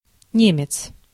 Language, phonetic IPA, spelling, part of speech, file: Russian, [ˈnʲemʲɪt͡s], немец, noun, Ru-немец.ogg
- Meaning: 1. German, German man 2. non-Slavic European foreigner